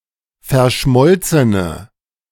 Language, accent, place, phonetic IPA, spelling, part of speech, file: German, Germany, Berlin, [fɛɐ̯ˈʃmɔlt͡sənə], verschmolzene, adjective, De-verschmolzene.ogg
- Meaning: inflection of verschmolzen: 1. strong/mixed nominative/accusative feminine singular 2. strong nominative/accusative plural 3. weak nominative all-gender singular